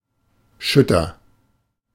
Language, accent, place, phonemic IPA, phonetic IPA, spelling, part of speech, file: German, Germany, Berlin, /ˈʃʏtər/, [ˈʃʏtɐ], schütter, adjective, De-schütter.ogg
- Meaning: sparse, scanty, thin